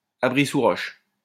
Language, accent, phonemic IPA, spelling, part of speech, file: French, France, /a.bʁi.su.ʁɔʃ/, abri-sous-roche, noun, LL-Q150 (fra)-abri-sous-roche.wav
- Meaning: rock shelter